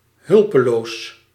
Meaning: defenseless; helpless (unable to defend oneself)
- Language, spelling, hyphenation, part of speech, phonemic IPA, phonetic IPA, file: Dutch, hulpeloos, hul‧pe‧loos, adjective, /ˈɦʏl.pə.loːs/, [ˈɦʏl.pə.loʊ̯s], Nl-hulpeloos.ogg